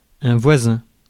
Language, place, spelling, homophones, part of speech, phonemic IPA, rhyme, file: French, Paris, voisin, voisins, adjective / noun, /vwa.zɛ̃/, -ɛ̃, Fr-voisin.ogg
- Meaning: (adjective) 1. neighbouring, neighboring 2. similar; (noun) neighbour, neighbor